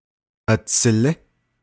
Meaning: younger brother, little brother
- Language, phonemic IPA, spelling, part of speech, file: Navajo, /ʔɑ̀t͡sʰɪ̀lɪ́/, atsilí, noun, Nv-atsilí.ogg